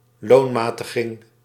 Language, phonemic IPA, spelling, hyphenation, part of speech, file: Dutch, /ˈloː(n)ˌmaː.tə.ɣɪŋ/, loonmatiging, loon‧ma‧ti‧ging, noun, Nl-loonmatiging.ogg
- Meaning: wage moderation (process of making wages grow slower than productivity)